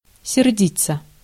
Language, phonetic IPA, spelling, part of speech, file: Russian, [sʲɪrˈdʲit͡sːə], сердиться, verb, Ru-сердиться.ogg
- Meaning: 1. to be angry 2. passive of серди́ть (serdítʹ)